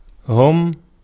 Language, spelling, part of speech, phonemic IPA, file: Arabic, هم, pronoun, /hum/, Ar-هم.ogg
- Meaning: they (masculine plural subject pronoun)